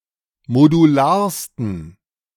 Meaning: 1. superlative degree of modular 2. inflection of modular: strong genitive masculine/neuter singular superlative degree
- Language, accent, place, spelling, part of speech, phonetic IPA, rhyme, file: German, Germany, Berlin, modularsten, adjective, [moduˈlaːɐ̯stn̩], -aːɐ̯stn̩, De-modularsten.ogg